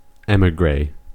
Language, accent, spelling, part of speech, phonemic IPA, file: English, US, emigre, noun, /ˈɛmɪɡɹeɪ/, En-us-emigre.ogg
- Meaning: 1. One who has departed their native land, often as a refugee 2. An emigrant, one who departs their native land to become an immigrant in another